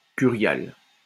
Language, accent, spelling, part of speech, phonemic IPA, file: French, France, curial, adjective, /ky.ʁjal/, LL-Q150 (fra)-curial.wav
- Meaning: curial (all senses)